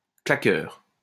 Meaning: claqueur
- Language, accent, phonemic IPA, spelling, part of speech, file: French, France, /kla.kœʁ/, claqueur, noun, LL-Q150 (fra)-claqueur.wav